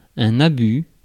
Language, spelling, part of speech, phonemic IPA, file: French, abus, noun, /a.by/, Fr-abus.ogg
- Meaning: abuse (improper usage)